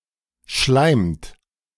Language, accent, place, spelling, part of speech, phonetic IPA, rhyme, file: German, Germany, Berlin, schleimt, verb, [ʃlaɪ̯mt], -aɪ̯mt, De-schleimt.ogg
- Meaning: inflection of schleimen: 1. third-person singular present 2. second-person plural present 3. plural imperative